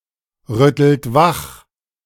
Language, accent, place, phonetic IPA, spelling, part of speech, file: German, Germany, Berlin, [ˌʁʏtl̩t ˈvax], rüttelt wach, verb, De-rüttelt wach.ogg
- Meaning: inflection of wachrütteln: 1. second-person plural present 2. third-person singular present 3. plural imperative